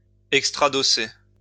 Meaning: to make an extrados
- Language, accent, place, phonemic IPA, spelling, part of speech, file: French, France, Lyon, /ɛk.stʁa.dɔ.se/, extradosser, verb, LL-Q150 (fra)-extradosser.wav